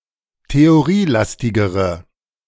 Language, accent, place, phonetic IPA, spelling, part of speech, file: German, Germany, Berlin, [teoˈʁiːˌlastɪɡəʁə], theorielastigere, adjective, De-theorielastigere.ogg
- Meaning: inflection of theorielastig: 1. strong/mixed nominative/accusative feminine singular comparative degree 2. strong nominative/accusative plural comparative degree